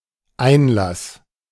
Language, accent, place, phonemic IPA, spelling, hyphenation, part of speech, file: German, Germany, Berlin, /ˈaɪ̯nlas/, Einlass, Ein‧lass, noun, De-Einlass.ogg
- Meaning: admission